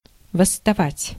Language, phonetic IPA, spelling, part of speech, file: Russian, [vəsːtɐˈvatʲ], восставать, verb, Ru-восставать.ogg
- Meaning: to revolt, to rise, to rebel